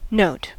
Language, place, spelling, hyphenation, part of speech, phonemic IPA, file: English, California, note, note, noun / verb, /noʊ̯t/, En-us-note.ogg
- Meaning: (noun) A symbol or annotation.: A mark or token by which a thing may be known; a visible sign; a character; a distinctive mark or feature; a characteristic quality